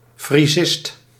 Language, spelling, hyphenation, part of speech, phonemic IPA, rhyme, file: Dutch, frisist, fri‧sist, noun, /friˈzɪst/, -ɪst, Nl-frisist.ogg
- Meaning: a scholar of Frisian